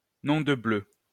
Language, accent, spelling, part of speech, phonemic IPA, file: French, France, nom de bleu, interjection, /nɔ̃ də blø/, LL-Q150 (fra)-nom de bleu.wav
- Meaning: my goodness; (oh) my God